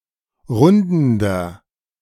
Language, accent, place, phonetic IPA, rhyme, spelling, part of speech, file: German, Germany, Berlin, [ˈʁʊndn̩dɐ], -ʊndn̩dɐ, rundender, adjective, De-rundender.ogg
- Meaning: inflection of rundend: 1. strong/mixed nominative masculine singular 2. strong genitive/dative feminine singular 3. strong genitive plural